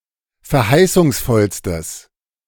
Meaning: strong/mixed nominative/accusative neuter singular superlative degree of verheißungsvoll
- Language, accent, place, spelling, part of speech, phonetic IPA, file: German, Germany, Berlin, verheißungsvollstes, adjective, [fɛɐ̯ˈhaɪ̯sʊŋsˌfɔlstəs], De-verheißungsvollstes.ogg